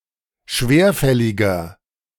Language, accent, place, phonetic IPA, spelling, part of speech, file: German, Germany, Berlin, [ˈʃveːɐ̯ˌfɛlɪɡɐ], schwerfälliger, adjective, De-schwerfälliger.ogg
- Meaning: 1. comparative degree of schwerfällig 2. inflection of schwerfällig: strong/mixed nominative masculine singular 3. inflection of schwerfällig: strong genitive/dative feminine singular